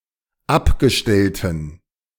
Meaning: inflection of abgestellt: 1. strong genitive masculine/neuter singular 2. weak/mixed genitive/dative all-gender singular 3. strong/weak/mixed accusative masculine singular 4. strong dative plural
- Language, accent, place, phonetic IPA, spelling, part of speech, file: German, Germany, Berlin, [ˈapɡəˌʃtɛltn̩], abgestellten, adjective, De-abgestellten.ogg